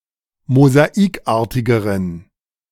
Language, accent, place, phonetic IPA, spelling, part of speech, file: German, Germany, Berlin, [mozaˈiːkˌʔaːɐ̯tɪɡəʁən], mosaikartigeren, adjective, De-mosaikartigeren.ogg
- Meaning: inflection of mosaikartig: 1. strong genitive masculine/neuter singular comparative degree 2. weak/mixed genitive/dative all-gender singular comparative degree